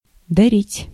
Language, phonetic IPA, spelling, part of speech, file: Russian, [dɐˈrʲitʲ], дарить, verb, Ru-дарить.ogg
- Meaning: 1. to give, to make a present, to present, to donate 2. to favour/favor, to bestow, to award